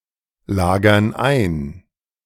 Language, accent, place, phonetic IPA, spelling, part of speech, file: German, Germany, Berlin, [ˌlaːɡɐn ˈaɪ̯n], lagern ein, verb, De-lagern ein.ogg
- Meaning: inflection of einlagern: 1. first/third-person plural present 2. first/third-person plural subjunctive I